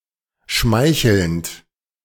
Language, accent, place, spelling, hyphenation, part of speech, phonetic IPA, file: German, Germany, Berlin, schmeichelnd, schmei‧chelnd, verb / adjective, [ˈʃmaɪ̯çl̩nt], De-schmeichelnd.ogg
- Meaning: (verb) present participle of schmeicheln; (adjective) flattering, complimentary